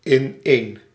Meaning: together
- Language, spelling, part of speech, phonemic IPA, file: Dutch, ineen, adverb, /ɪˈnen/, Nl-ineen.ogg